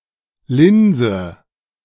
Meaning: inflection of linsen: 1. first-person singular present 2. first/third-person singular subjunctive I 3. singular imperative
- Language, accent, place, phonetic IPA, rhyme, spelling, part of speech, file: German, Germany, Berlin, [ˈlɪnzə], -ɪnzə, linse, verb, De-linse.ogg